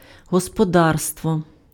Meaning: 1. household 2. A farm, especially a small one 3. property 4. tools of production 5. economy
- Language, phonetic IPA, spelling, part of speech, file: Ukrainian, [ɦɔspɔˈdarstwɔ], господарство, noun, Uk-господарство.ogg